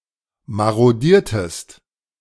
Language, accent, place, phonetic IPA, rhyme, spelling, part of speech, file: German, Germany, Berlin, [ˌmaʁoˈdiːɐ̯təst], -iːɐ̯təst, marodiertest, verb, De-marodiertest.ogg
- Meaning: inflection of marodieren: 1. second-person singular preterite 2. second-person singular subjunctive II